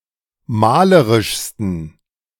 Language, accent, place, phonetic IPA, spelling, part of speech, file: German, Germany, Berlin, [ˈmaːləʁɪʃstn̩], malerischsten, adjective, De-malerischsten.ogg
- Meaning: 1. superlative degree of malerisch 2. inflection of malerisch: strong genitive masculine/neuter singular superlative degree